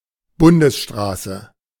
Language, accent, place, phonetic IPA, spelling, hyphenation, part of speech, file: German, Germany, Berlin, [ˈbʊndəsʃtʀaːsə], Bundesstraße, Bun‧des‧stra‧ße, noun, De-Bundesstraße.ogg
- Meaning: 1. federal highway; major highway 2. a national highway in Germany or Austria